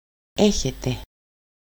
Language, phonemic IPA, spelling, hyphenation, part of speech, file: Greek, /ˈe.çe.te/, έχετε, έ‧χε‧τε, verb, El-έχετε.ogg
- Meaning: 1. second-person plural present indicative of έχω (écho): "you have" 2. second-person plural present imperative of έχω (écho): "have!"